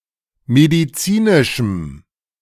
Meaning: strong dative masculine/neuter singular of medizinisch
- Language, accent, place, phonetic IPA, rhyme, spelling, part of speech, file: German, Germany, Berlin, [mediˈt͡siːnɪʃm̩], -iːnɪʃm̩, medizinischem, adjective, De-medizinischem.ogg